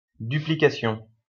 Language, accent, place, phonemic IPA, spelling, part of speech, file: French, France, Lyon, /dy.pli.ka.sjɔ̃/, duplication, noun, LL-Q150 (fra)-duplication.wav
- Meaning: duplication